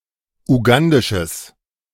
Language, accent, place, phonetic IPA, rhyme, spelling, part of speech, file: German, Germany, Berlin, [uˈɡandɪʃəs], -andɪʃəs, ugandisches, adjective, De-ugandisches.ogg
- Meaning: strong/mixed nominative/accusative neuter singular of ugandisch